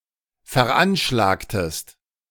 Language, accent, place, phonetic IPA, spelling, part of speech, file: German, Germany, Berlin, [fɛɐ̯ˈʔanʃlaːktəst], veranschlagtest, verb, De-veranschlagtest.ogg
- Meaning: inflection of veranschlagen: 1. second-person singular preterite 2. second-person singular subjunctive II